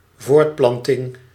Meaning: procreation, reproduction
- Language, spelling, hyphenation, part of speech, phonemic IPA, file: Dutch, voortplanting, voort‧plan‧ting, noun, /ˈvoːrtˌplɑn.tɪŋ/, Nl-voortplanting.ogg